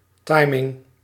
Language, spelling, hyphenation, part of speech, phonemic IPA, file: Dutch, timing, ti‧ming, noun, /ˈtɑi̯.mɪŋ/, Nl-timing.ogg
- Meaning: timing (synchronisation; regulation of pace or time)